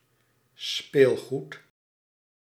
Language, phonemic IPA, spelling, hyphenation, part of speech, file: Dutch, /ˈspeːl.ɣut/, speelgoed, speel‧goed, noun, Nl-speelgoed.ogg
- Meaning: toys